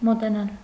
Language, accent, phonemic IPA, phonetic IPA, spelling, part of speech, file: Armenian, Eastern Armenian, /moteˈnɑl/, [motenɑ́l], մոտենալ, verb, Hy-մոտենալ.ogg
- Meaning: 1. to approach, to draw near, to move towards 2. to come, to arrive (of time) 3. to touch, to feel 4. to become close (of relationships)